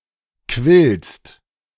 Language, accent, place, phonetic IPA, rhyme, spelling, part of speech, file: German, Germany, Berlin, [kvɪlst], -ɪlst, quillst, verb, De-quillst.ogg
- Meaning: second-person singular present of quellen